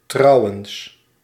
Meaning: besides; by the way
- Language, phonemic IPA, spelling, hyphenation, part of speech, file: Dutch, /ˈtrɑu̯.əns/, trouwens, trou‧wens, adverb, Nl-trouwens.ogg